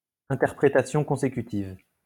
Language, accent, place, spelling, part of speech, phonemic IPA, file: French, France, Lyon, interprétation consécutive, noun, /ɛ̃.tɛʁ.pʁe.ta.sjɔ̃ kɔ̃.se.ky.tiv/, LL-Q150 (fra)-interprétation consécutive.wav
- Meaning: consecutive interpreting, consecutive interpretation